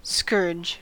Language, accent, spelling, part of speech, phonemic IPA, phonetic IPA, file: English, General American, scourge, noun / verb, /skɜɹd͡ʒ/, [skɔɹd͡ʒ], En-us-scourge.ogg
- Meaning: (noun) 1. A whip, often made of leather and having multiple tails; a lash 2. A person or thing regarded as an agent of divine punishment